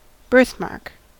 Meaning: A mark on the skin formed before birth
- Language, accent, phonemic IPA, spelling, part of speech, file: English, US, /ˈbɝθˌmɑɹk/, birthmark, noun, En-us-birthmark.ogg